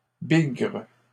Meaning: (noun) a forest ranger who sought out swarms of bees in the forest, tended to them, and gathered their honey and wax; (interjection) bugger!
- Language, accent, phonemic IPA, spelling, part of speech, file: French, Canada, /biɡʁ/, bigre, noun / interjection, LL-Q150 (fra)-bigre.wav